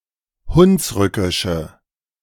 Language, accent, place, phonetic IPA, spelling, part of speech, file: German, Germany, Berlin, [ˈhʊnsˌʁʏkɪʃə], hunsrückische, adjective, De-hunsrückische.ogg
- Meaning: inflection of hunsrückisch: 1. strong/mixed nominative/accusative feminine singular 2. strong nominative/accusative plural 3. weak nominative all-gender singular